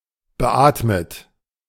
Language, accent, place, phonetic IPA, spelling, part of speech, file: German, Germany, Berlin, [bəˈʔaːtmət], beatmet, verb, De-beatmet.ogg
- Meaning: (verb) past participle of beatmen; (adjective) ventilated